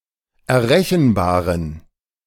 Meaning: inflection of errechenbar: 1. strong genitive masculine/neuter singular 2. weak/mixed genitive/dative all-gender singular 3. strong/weak/mixed accusative masculine singular 4. strong dative plural
- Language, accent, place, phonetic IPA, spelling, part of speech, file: German, Germany, Berlin, [ɛɐ̯ˈʁɛçn̩ˌbaːʁən], errechenbaren, adjective, De-errechenbaren.ogg